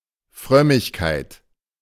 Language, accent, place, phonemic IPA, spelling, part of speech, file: German, Germany, Berlin, /ˈfʁœmɪçkaɪ̯t/, Frömmigkeit, noun, De-Frömmigkeit.ogg
- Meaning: piety